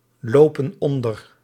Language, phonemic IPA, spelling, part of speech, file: Dutch, /ˈlopə(n) ˈɔndər/, lopen onder, verb, Nl-lopen onder.ogg
- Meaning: inflection of onderlopen: 1. plural present indicative 2. plural present subjunctive